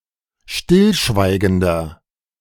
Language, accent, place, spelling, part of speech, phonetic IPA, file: German, Germany, Berlin, stillschweigender, adjective, [ˈʃtɪlˌʃvaɪ̯ɡəndɐ], De-stillschweigender.ogg
- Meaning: inflection of stillschweigend: 1. strong/mixed nominative masculine singular 2. strong genitive/dative feminine singular 3. strong genitive plural